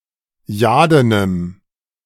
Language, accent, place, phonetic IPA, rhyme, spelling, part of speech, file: German, Germany, Berlin, [ˈjaːdənəm], -aːdənəm, jadenem, adjective, De-jadenem.ogg
- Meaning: strong dative masculine/neuter singular of jaden